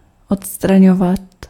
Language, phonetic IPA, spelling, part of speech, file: Czech, [ˈotstraɲovat], odstraňovat, verb, Cs-odstraňovat.ogg
- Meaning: imperfective form of odstranit